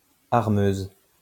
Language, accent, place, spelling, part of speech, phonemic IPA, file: French, France, Lyon, armeuse, noun, /aʁ.møz/, LL-Q150 (fra)-armeuse.wav
- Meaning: female equivalent of armeur